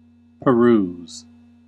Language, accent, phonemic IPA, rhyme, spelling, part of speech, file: English, US, /pəˈɹuːz/, -uːz, peruse, verb / noun, En-us-peruse.ogg
- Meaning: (verb) 1. To examine or consider with care 2. To read completely 3. To look over casually; to skim 4. To go from place to place; to wander; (noun) An examination or perusal; an instance of perusing